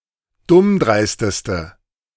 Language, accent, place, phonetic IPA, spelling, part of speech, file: German, Germany, Berlin, [ˈdʊmˌdʁaɪ̯stəstə], dummdreisteste, adjective, De-dummdreisteste.ogg
- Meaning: inflection of dummdreist: 1. strong/mixed nominative/accusative feminine singular superlative degree 2. strong nominative/accusative plural superlative degree